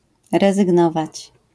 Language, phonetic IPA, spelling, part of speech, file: Polish, [ˌrɛzɨɡˈnɔvat͡ɕ], rezygnować, verb, LL-Q809 (pol)-rezygnować.wav